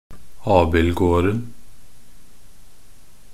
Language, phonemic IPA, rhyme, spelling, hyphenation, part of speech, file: Norwegian Bokmål, /ˈɑːbɪlɡoːrn̩/, -oːrn̩, abildgården, ab‧ild‧gård‧en, noun, Nb-abildgården.ogg
- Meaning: definite singular of abildgård